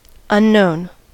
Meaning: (adjective) Not known; unidentified; not well known; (noun) A variable (usually x, y or z) whose value is to be found
- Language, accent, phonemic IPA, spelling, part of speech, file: English, US, /ʌnˈnoʊn/, unknown, adjective / noun / verb, En-us-unknown.ogg